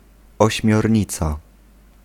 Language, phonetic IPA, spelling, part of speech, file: Polish, [ˌɔɕmʲjɔˈrʲɲit͡sa], ośmiornica, noun, Pl-ośmiornica.ogg